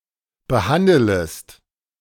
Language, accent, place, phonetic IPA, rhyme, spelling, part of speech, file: German, Germany, Berlin, [bəˈhandələst], -andələst, behandelest, verb, De-behandelest.ogg
- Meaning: second-person singular subjunctive I of behandeln